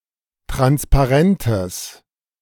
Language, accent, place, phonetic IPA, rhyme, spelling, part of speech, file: German, Germany, Berlin, [ˌtʁanspaˈʁɛntəs], -ɛntəs, Transparentes, noun, De-Transparentes.ogg
- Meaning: genitive singular of Transparent